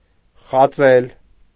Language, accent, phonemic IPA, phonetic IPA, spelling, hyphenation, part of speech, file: Armenian, Eastern Armenian, /χɑˈt͡sel/, [χɑt͡sél], խածել, խա‧ծել, verb, Hy-խածել.ogg
- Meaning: to bite, to sting